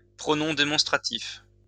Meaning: demonstrative pronoun (pronoun which replaces a noun)
- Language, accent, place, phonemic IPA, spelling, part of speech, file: French, France, Lyon, /pʁɔ.nɔ̃ de.mɔ̃s.tʁa.tif/, pronom démonstratif, noun, LL-Q150 (fra)-pronom démonstratif.wav